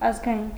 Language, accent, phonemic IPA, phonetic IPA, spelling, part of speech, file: Armenian, Eastern Armenian, /ɑzɡɑˈjin/, [ɑzɡɑjín], ազգային, adjective / noun, Hy-ազգային.ogg
- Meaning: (adjective) 1. national 2. ethnic; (noun) compatriot, someone of the same ethnicity regardless of citizenship (usually an Armenian)